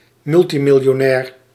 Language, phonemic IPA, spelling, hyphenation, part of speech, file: Dutch, /ˈmʏl.ti.mɪl.joːˌnɛːr/, multimiljonair, mul‧ti‧mil‧jo‧nair, noun, Nl-multimiljonair.ogg
- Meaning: multimillionaire